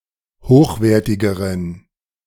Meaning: inflection of hochwertig: 1. strong genitive masculine/neuter singular comparative degree 2. weak/mixed genitive/dative all-gender singular comparative degree
- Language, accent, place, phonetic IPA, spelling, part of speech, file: German, Germany, Berlin, [ˈhoːxˌveːɐ̯tɪɡəʁən], hochwertigeren, adjective, De-hochwertigeren.ogg